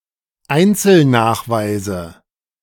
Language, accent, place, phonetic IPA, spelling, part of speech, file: German, Germany, Berlin, [ˈaɪ̯nt͡sl̩ˌnaːxvaɪ̯zə], Einzelnachweise, noun, De-Einzelnachweise.ogg
- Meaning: nominative/accusative/genitive plural of Einzelnachweis